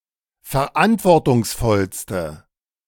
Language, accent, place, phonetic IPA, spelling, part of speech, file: German, Germany, Berlin, [fɛɐ̯ˈʔantvɔʁtʊŋsˌfɔlstə], verantwortungsvollste, adjective, De-verantwortungsvollste.ogg
- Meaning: inflection of verantwortungsvoll: 1. strong/mixed nominative/accusative feminine singular superlative degree 2. strong nominative/accusative plural superlative degree